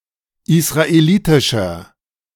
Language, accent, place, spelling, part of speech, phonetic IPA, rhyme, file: German, Germany, Berlin, israelitischer, adjective, [ɪsʁaeˈliːtɪʃɐ], -iːtɪʃɐ, De-israelitischer.ogg
- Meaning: inflection of israelitisch: 1. strong/mixed nominative masculine singular 2. strong genitive/dative feminine singular 3. strong genitive plural